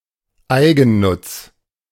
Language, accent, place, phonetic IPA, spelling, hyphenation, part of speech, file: German, Germany, Berlin, [ˈaɪ̯ɡn̩ˌnʊt͡s], Eigennutz, Ei‧gen‧nutz, noun, De-Eigennutz.ogg
- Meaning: self-interest